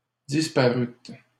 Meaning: second-person plural past historic of disparaître
- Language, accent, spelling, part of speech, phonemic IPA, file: French, Canada, disparûtes, verb, /dis.pa.ʁyt/, LL-Q150 (fra)-disparûtes.wav